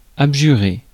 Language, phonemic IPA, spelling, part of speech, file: French, /ab.ʒy.ʁe/, abjurer, verb, Fr-abjurer.ogg
- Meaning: 1. to renounce or abandon solemnly; to abjure 2. to formally renounce one's religious belief; to apostatise 3. to reject by oath someone's authority